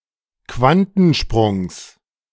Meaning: genitive singular of Quantensprung
- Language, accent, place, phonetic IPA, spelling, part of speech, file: German, Germany, Berlin, [ˈkvantn̩ˌʃpʁʊŋs], Quantensprungs, noun, De-Quantensprungs.ogg